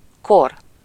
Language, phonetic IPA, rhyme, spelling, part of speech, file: Hungarian, [ˈkor], -or, kor, noun, Hu-kor.ogg
- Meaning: 1. age (a certain period of time in the life of an individual) 2. age (a great period in the history of the Earth) 3. epoch